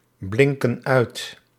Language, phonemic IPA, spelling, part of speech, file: Dutch, /ˈblɪŋkə(n) ˈœyt/, blinken uit, verb, Nl-blinken uit.ogg
- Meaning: inflection of uitblinken: 1. plural present indicative 2. plural present subjunctive